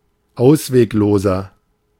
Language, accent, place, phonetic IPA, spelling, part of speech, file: German, Germany, Berlin, [ˈaʊ̯sveːkˌloːzɐ], auswegloser, adjective, De-auswegloser.ogg
- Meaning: 1. comparative degree of ausweglos 2. inflection of ausweglos: strong/mixed nominative masculine singular 3. inflection of ausweglos: strong genitive/dative feminine singular